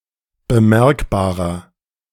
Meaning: inflection of bemerkbar: 1. strong/mixed nominative masculine singular 2. strong genitive/dative feminine singular 3. strong genitive plural
- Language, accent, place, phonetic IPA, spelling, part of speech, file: German, Germany, Berlin, [bəˈmɛʁkbaːʁɐ], bemerkbarer, adjective, De-bemerkbarer.ogg